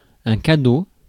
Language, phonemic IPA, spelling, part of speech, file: French, /ka.do/, cadeau, noun, Fr-cadeau.ogg
- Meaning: present, gift